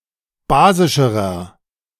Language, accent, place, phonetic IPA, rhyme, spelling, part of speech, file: German, Germany, Berlin, [ˈbaːzɪʃəʁɐ], -aːzɪʃəʁɐ, basischerer, adjective, De-basischerer.ogg
- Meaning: inflection of basisch: 1. strong/mixed nominative masculine singular comparative degree 2. strong genitive/dative feminine singular comparative degree 3. strong genitive plural comparative degree